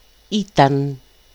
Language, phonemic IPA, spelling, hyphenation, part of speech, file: Greek, /ˈitan/, ήταν, ή‧ταν, verb, El-ήταν.ogg
- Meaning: 1. third-person singular imperfect of είμαι (eímai): "he/she/it was" 2. third-person plural imperfect of είμαι (eímai): "they were"